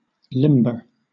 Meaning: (adjective) Flexible, pliant, bendable; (verb) To cause to become limber; to make flexible or pliant
- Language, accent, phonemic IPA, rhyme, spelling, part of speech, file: English, Southern England, /ˈlɪmbə(ɹ)/, -ɪmbə(ɹ), limber, adjective / verb / noun, LL-Q1860 (eng)-limber.wav